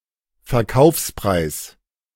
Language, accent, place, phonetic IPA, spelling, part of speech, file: German, Germany, Berlin, [fɛɐ̯ˈkaʊ̯fspʁaɪ̯s], Verkaufspreis, noun, De-Verkaufspreis.ogg
- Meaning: selling price, sales price